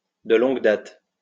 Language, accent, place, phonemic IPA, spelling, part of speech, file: French, France, Lyon, /də lɔ̃ɡ dat/, de longue date, prepositional phrase, LL-Q150 (fra)-de longue date.wav
- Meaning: long-standing